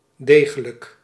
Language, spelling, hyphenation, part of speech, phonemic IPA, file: Dutch, degelijk, de‧ge‧lijk, adjective / adverb, /ˈdeː.ɣə.lək/, Nl-degelijk.ogg
- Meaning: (adjective) 1. sound, solid 2. honest; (adverb) roundly, squarely